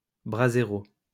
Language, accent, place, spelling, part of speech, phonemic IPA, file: French, France, Lyon, brasero, noun, /bʁa.ze.ʁo/, LL-Q150 (fra)-brasero.wav
- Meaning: brazier